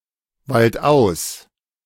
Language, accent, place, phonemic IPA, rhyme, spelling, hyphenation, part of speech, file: German, Germany, Berlin, /ˌvaltˈʔaʊ̯s/, -aʊ̯s, waldaus, wald‧aus, adverb, De-waldaus.ogg
- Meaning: out of the woods, out of the or a forest